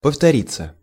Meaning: 1. to repeat 2. passive of повтори́ть (povtorítʹ)
- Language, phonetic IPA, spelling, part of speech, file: Russian, [pəftɐˈrʲit͡sːə], повториться, verb, Ru-повториться.ogg